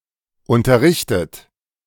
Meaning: 1. past participle of unterrichten 2. inflection of unterrichten: third-person singular present 3. inflection of unterrichten: second-person plural present
- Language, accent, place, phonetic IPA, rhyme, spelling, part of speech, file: German, Germany, Berlin, [ˌʊntɐˈʁɪçtət], -ɪçtət, unterrichtet, verb, De-unterrichtet.ogg